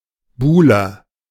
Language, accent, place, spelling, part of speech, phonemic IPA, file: German, Germany, Berlin, Buhler, noun, /ˈbuːlɐ/, De-Buhler.ogg
- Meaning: synonym of Buhle m (“beloved”); suitor